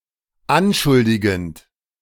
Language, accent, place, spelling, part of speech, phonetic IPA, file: German, Germany, Berlin, anschuldigend, verb, [ˈanˌʃʊldɪɡn̩t], De-anschuldigend.ogg
- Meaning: present participle of anschuldigen